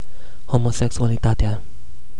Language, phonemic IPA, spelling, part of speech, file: Romanian, /homoseksualiˈtate̯a/, homosexualitatea, noun, Ro-homosexualitatea.ogg
- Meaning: definite nominative/accusative singular of homosexualitate